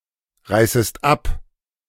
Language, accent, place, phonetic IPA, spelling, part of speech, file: German, Germany, Berlin, [ˌʁaɪ̯səst ˈap], reißest ab, verb, De-reißest ab.ogg
- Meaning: second-person singular subjunctive I of abreißen